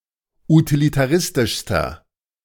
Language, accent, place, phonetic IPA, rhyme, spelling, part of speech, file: German, Germany, Berlin, [utilitaˈʁɪstɪʃstɐ], -ɪstɪʃstɐ, utilitaristischster, adjective, De-utilitaristischster.ogg
- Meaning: inflection of utilitaristisch: 1. strong/mixed nominative masculine singular superlative degree 2. strong genitive/dative feminine singular superlative degree